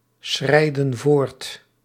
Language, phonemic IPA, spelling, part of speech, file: Dutch, /ˈsxrɛidə(n) ˈvort/, schrijden voort, verb, Nl-schrijden voort.ogg
- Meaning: inflection of voortschrijden: 1. plural present indicative 2. plural present subjunctive